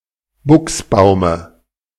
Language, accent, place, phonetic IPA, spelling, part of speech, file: German, Germany, Berlin, [ˈbʊksˌbaʊ̯mə], Buchsbaume, noun, De-Buchsbaume.ogg
- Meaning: dative singular of Buchsbaum